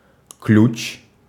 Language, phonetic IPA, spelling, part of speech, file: Russian, [klʲʉt͡ɕ], ключ, noun, Ru-ключ.ogg
- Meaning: 1. key 2. wrench, spanner, screw wrench 3. clue, key 4. clef, key 5. radical (in Chinese characters) 6. way, vein (about the tone, character or manner of something) 7. spring, source (of water)